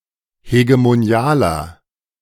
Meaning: inflection of hegemonial: 1. strong/mixed nominative masculine singular 2. strong genitive/dative feminine singular 3. strong genitive plural
- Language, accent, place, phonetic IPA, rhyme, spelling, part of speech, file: German, Germany, Berlin, [heɡemoˈni̯aːlɐ], -aːlɐ, hegemonialer, adjective, De-hegemonialer.ogg